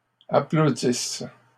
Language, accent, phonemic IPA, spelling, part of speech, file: French, Canada, /a.plo.dis/, applaudissent, verb, LL-Q150 (fra)-applaudissent.wav
- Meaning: inflection of applaudir: 1. third-person plural present indicative/subjunctive 2. third-person plural imperfect subjunctive